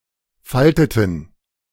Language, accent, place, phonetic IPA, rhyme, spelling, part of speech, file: German, Germany, Berlin, [ˈfaltətn̩], -altətn̩, falteten, verb, De-falteten.ogg
- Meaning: inflection of falten: 1. first/third-person plural preterite 2. first/third-person plural subjunctive II